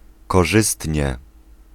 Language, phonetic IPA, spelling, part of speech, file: Polish, [kɔˈʒɨstʲɲɛ], korzystnie, adverb, Pl-korzystnie.ogg